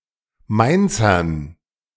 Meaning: dative plural of Mainzer
- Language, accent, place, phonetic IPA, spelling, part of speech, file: German, Germany, Berlin, [ˈmaɪ̯nt͡sɐn], Mainzern, noun, De-Mainzern.ogg